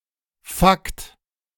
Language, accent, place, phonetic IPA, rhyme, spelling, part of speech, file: German, Germany, Berlin, [fakt], -akt, Fakt, noun, De-Fakt.ogg
- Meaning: fact